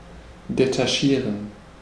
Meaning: to detach
- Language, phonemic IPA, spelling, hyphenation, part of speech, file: German, /detaˈʃiːʁən/, detachieren, de‧ta‧chie‧ren, verb, De-detachieren.ogg